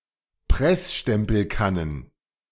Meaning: plural of Pressstempelkanne
- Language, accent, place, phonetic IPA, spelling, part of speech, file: German, Germany, Berlin, [ˈpʁɛsʃtɛmpl̩ˌkanən], Pressstempelkannen, noun, De-Pressstempelkannen.ogg